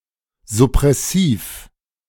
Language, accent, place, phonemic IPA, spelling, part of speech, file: German, Germany, Berlin, /zʊpʁɛˈsiːf/, suppressiv, adjective, De-suppressiv.ogg
- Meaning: suppressive